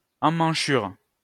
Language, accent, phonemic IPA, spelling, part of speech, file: French, France, /ɑ̃.mɑ̃.ʃyʁ/, emmanchure, noun, LL-Q150 (fra)-emmanchure.wav
- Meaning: armhole